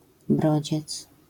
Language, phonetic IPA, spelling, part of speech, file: Polish, [ˈbrɔd͡ʑɛt͡s], brodziec, noun, LL-Q809 (pol)-brodziec.wav